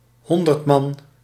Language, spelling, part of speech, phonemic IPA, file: Dutch, honderdman, noun, /ˈhɔndərtˌmɑn/, Nl-honderdman.ogg
- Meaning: centurion